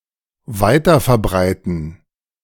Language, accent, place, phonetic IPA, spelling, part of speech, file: German, Germany, Berlin, [ˈvaɪ̯tɐfɛɐ̯ˌbʁaɪ̯tn̩], weiterverbreiten, verb, De-weiterverbreiten.ogg
- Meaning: to spread (news, rumours etc.)